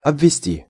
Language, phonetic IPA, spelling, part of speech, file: Russian, [ɐbvʲɪˈsʲtʲi], обвести, verb, Ru-обвести.ogg
- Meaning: 1. to lead (someone around) 2. to encircle, to surround 3. to outline, to contour 4. to dodge, to outplay